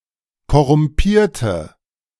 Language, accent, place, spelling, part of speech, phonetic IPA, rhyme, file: German, Germany, Berlin, korrumpierte, adjective / verb, [kɔʁʊmˈpiːɐ̯tə], -iːɐ̯tə, De-korrumpierte.ogg
- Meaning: inflection of korrumpieren: 1. first/third-person singular preterite 2. first/third-person singular subjunctive II